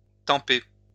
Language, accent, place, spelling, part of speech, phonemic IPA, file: French, France, Lyon, tamper, verb, /tɑ̃.pe/, LL-Q150 (fra)-tamper.wav